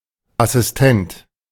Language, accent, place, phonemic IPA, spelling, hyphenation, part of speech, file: German, Germany, Berlin, /asɪstˈɛnt/, Assistent, As‧sis‧tent, noun, De-Assistent.ogg
- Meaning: assistant